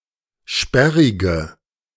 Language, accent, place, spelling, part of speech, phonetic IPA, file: German, Germany, Berlin, sperrige, adjective, [ˈʃpɛʁɪɡə], De-sperrige.ogg
- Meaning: inflection of sperrig: 1. strong/mixed nominative/accusative feminine singular 2. strong nominative/accusative plural 3. weak nominative all-gender singular 4. weak accusative feminine/neuter singular